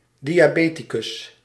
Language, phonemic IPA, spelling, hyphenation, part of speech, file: Dutch, /ˌdi.aːˈbeː.ti.kʏs/, diabeticus, di‧a‧be‧ti‧cus, noun, Nl-diabeticus.ogg
- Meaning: diabetic (person)